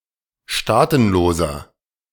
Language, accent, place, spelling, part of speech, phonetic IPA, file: German, Germany, Berlin, Staatenloser, noun, [ˈʃtaːtn̩ˌloːzɐ], De-Staatenloser.ogg
- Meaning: 1. stateless person 2. inflection of Staatenlose: strong genitive/dative singular 3. inflection of Staatenlose: strong genitive plural